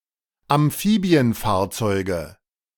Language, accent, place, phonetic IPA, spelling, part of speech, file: German, Germany, Berlin, [amˈfiːbi̯ənˌfaːɐ̯t͡sɔɪ̯ɡə], Amphibienfahrzeuge, noun, De-Amphibienfahrzeuge.ogg
- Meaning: nominative/accusative/genitive plural of Amphibienfahrzeug